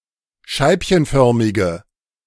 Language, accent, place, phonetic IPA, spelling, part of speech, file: German, Germany, Berlin, [ˈʃaɪ̯pçənˌfœʁmɪɡə], scheibchenförmige, adjective, De-scheibchenförmige.ogg
- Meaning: inflection of scheibchenförmig: 1. strong/mixed nominative/accusative feminine singular 2. strong nominative/accusative plural 3. weak nominative all-gender singular